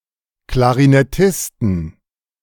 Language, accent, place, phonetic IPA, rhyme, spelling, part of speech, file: German, Germany, Berlin, [klaʁinɛˈtɪstn̩], -ɪstn̩, Klarinettisten, noun, De-Klarinettisten.ogg
- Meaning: plural of Klarinettist